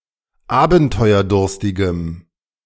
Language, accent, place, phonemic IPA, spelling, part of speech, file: German, Germany, Berlin, /ˈaːbn̩tɔɪ̯ɐˌdʊʁstɪɡəm/, abenteuerdurstigem, adjective, De-abenteuerdurstigem.ogg
- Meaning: strong dative masculine/neuter singular of abenteuerdurstig